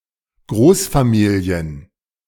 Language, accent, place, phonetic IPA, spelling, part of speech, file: German, Germany, Berlin, [ˈɡʁoːsfaˌmiːli̯ən], Großfamilien, noun, De-Großfamilien.ogg
- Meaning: plural of Großfamilie